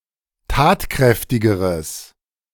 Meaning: strong/mixed nominative/accusative neuter singular comparative degree of tatkräftig
- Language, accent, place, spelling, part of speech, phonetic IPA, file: German, Germany, Berlin, tatkräftigeres, adjective, [ˈtaːtˌkʁɛftɪɡəʁəs], De-tatkräftigeres.ogg